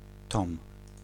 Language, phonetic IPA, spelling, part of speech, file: Polish, [tɔ̃m], tom, noun, Pl-tom.ogg